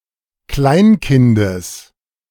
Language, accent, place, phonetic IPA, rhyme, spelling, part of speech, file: German, Germany, Berlin, [ˈklaɪ̯nˌkɪndəs], -aɪ̯nkɪndəs, Kleinkindes, noun, De-Kleinkindes.ogg
- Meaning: genitive singular of Kleinkind